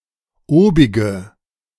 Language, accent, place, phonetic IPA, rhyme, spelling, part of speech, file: German, Germany, Berlin, [ˈoːbɪɡə], -oːbɪɡə, obige, adjective, De-obige.ogg
- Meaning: inflection of obig: 1. strong/mixed nominative/accusative feminine singular 2. strong nominative/accusative plural 3. weak nominative all-gender singular 4. weak accusative feminine/neuter singular